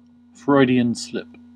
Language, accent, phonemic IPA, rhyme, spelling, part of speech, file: English, US, /ˌfɹɔɪdi.ən ˈslɪp/, -ɪp, Freudian slip, noun, En-us-Freudian slip.ogg
- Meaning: A mistake in speech or action in which a person supposedly shows their true subconscious desires